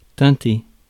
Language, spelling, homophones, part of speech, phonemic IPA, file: French, tinter, teinté / teintée / teintées / teinter / teintés / tintez / tinté / tintée / tintées / tintés, verb, /tɛ̃.te/, Fr-tinter.ogg
- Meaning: 1. to chime; to jingle 2. to ring